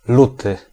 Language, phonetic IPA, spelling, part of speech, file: Polish, [ˈlutɨ], luty, noun / adjective, Pl-luty.ogg